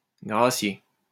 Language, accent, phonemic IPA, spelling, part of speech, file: French, France, /ɡʁa.sje/, gracier, verb, LL-Q150 (fra)-gracier.wav
- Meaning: to pardon, to issue a pardon to